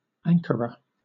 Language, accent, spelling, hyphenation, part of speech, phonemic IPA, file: English, Southern England, Ankara, An‧ka‧ra, proper noun, /ˈæŋ.kə.ɹə/, LL-Q1860 (eng)-Ankara.wav
- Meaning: 1. The capital city of Turkey and the capital of Ankara Province 2. The capital city of Turkey and the capital of Ankara Province.: The Turkish government